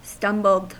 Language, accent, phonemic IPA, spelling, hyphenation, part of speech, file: English, US, /ˈstʌmbl̩d/, stumbled, stum‧bled, verb, En-us-stumbled.ogg
- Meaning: simple past and past participle of stumble